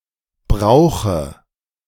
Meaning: inflection of brauchen: 1. first-person singular present 2. first/third-person singular subjunctive I 3. singular imperative
- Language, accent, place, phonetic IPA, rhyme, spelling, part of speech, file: German, Germany, Berlin, [ˈbʁaʊ̯xə], -aʊ̯xə, brauche, verb, De-brauche.ogg